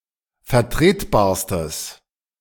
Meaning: strong/mixed nominative/accusative neuter singular superlative degree of vertretbar
- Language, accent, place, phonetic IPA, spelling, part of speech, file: German, Germany, Berlin, [fɛɐ̯ˈtʁeːtˌbaːɐ̯stəs], vertretbarstes, adjective, De-vertretbarstes.ogg